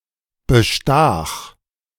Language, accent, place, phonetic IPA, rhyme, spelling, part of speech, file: German, Germany, Berlin, [bəˈʃtaːx], -aːx, bestach, verb, De-bestach.ogg
- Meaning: first/third-person singular preterite of bestechen